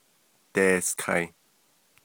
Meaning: third-person plural perfective of dighááh
- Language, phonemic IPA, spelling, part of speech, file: Navajo, /tèːskʰɑ̀ɪ̀/, deeskai, verb, Nv-deeskai.ogg